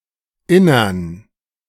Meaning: genitive singular of Inneres
- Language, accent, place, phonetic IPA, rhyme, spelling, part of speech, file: German, Germany, Berlin, [ˈɪnɐn], -ɪnɐn, Innern, noun, De-Innern.ogg